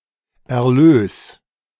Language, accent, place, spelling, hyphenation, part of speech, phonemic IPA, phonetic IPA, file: German, Germany, Berlin, Erlös, Er‧lös, noun, /ɛɐ̯ˈløːs/, [ʔɛɐ̯ˈløːs], De-Erlös.ogg
- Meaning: proceeds